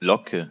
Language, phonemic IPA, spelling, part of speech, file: German, /ˈlɔkə/, Locke, noun, De-Locke.ogg
- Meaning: 1. curl (single loop in hair) 2. lock or length of hair, especially when wavy or falling in a particular direction